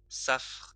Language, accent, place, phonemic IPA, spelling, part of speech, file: French, France, Lyon, /safʁ/, safre, noun / adjective, LL-Q150 (fra)-safre.wav
- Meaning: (noun) sapphire; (adjective) sapphire (colour)